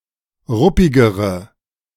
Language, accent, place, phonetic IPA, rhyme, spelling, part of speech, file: German, Germany, Berlin, [ˈʁʊpɪɡəʁə], -ʊpɪɡəʁə, ruppigere, adjective, De-ruppigere.ogg
- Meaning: inflection of ruppig: 1. strong/mixed nominative/accusative feminine singular comparative degree 2. strong nominative/accusative plural comparative degree